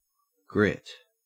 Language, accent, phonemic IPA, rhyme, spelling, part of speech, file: English, Australia, /ɡɹɪt/, -ɪt, grit, noun / verb, En-au-grit.ogg
- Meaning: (noun) A collection of hard small materials, such as dirt, ground stone, debris from sandblasting or other such grinding, or swarf from metalworking